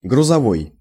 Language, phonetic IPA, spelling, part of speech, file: Russian, [ɡrʊzɐˈvoj], грузовой, adjective, Ru-грузовой.ogg
- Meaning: 1. cargo, shipping 2. cargo, freight